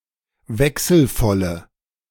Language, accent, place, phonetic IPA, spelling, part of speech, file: German, Germany, Berlin, [ˈvɛksl̩ˌfɔlə], wechselvolle, adjective, De-wechselvolle.ogg
- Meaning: inflection of wechselvoll: 1. strong/mixed nominative/accusative feminine singular 2. strong nominative/accusative plural 3. weak nominative all-gender singular